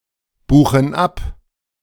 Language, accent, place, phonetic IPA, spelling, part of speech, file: German, Germany, Berlin, [ˌbuːxn̩ ˈap], buchen ab, verb, De-buchen ab.ogg
- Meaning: inflection of abbuchen: 1. first/third-person plural present 2. first/third-person plural subjunctive I